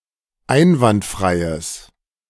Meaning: strong/mixed nominative/accusative neuter singular of einwandfrei
- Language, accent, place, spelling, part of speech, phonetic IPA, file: German, Germany, Berlin, einwandfreies, adjective, [ˈaɪ̯nvantˌfʁaɪ̯əs], De-einwandfreies.ogg